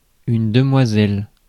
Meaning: 1. damsel, maiden 2. Miss 3. damselfly
- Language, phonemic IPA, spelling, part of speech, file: French, /də.mwa.zɛl/, demoiselle, noun, Fr-demoiselle.ogg